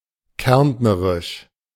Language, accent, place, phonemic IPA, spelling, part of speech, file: German, Germany, Berlin, /ˈkɛʁntnəʁɪʃ/, kärntnerisch, adjective, De-kärntnerisch.ogg
- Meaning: Carinthian